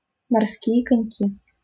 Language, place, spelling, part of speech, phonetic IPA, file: Russian, Saint Petersburg, морские коньки, noun, [mɐrˈskʲije kɐnʲˈkʲi], LL-Q7737 (rus)-морские коньки.wav
- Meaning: nominative plural of морско́й конёк (morskój konjók)